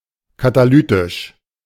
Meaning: catalytic
- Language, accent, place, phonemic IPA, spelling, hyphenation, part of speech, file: German, Germany, Berlin, /kataˈlyːtɪʃ/, katalytisch, ka‧ta‧ly‧tisch, adjective, De-katalytisch.ogg